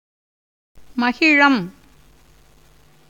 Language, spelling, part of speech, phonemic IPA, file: Tamil, மகிழம், noun, /mɐɡɪɻɐm/, Ta-மகிழம்.ogg
- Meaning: bullet wood (Mimusops elengi)